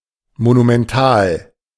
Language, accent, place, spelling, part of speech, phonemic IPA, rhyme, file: German, Germany, Berlin, monumental, adjective, /monumɛnˈtaːl/, -aːl, De-monumental.ogg
- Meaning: monumental